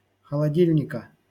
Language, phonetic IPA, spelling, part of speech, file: Russian, [xəɫɐˈdʲilʲnʲɪkə], холодильника, noun, LL-Q7737 (rus)-холодильника.wav
- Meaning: genitive singular of холоди́льник (xolodílʹnik)